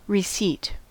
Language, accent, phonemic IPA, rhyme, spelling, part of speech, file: English, US, /ɹɪˈsit/, -iːt, receipt, noun / verb, En-us-receipt.ogg
- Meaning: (noun) 1. The act of receiving, or the fact of having been received 2. The fact of having received a blow, injury etc 3. A quantity or amount received; takings